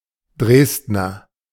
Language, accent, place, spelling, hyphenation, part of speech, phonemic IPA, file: German, Germany, Berlin, Dresdner, Dresd‧ner, noun / adjective, /ˈdʁeːsdnɐ/, De-Dresdner.ogg
- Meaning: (noun) Dresdner (native or inhabitant of the city of Dresden, capital of Saxony, Germany) (usually male); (adjective) Dresdner (of, from or relating to the city of Dresden, capital of Saxony, Germany)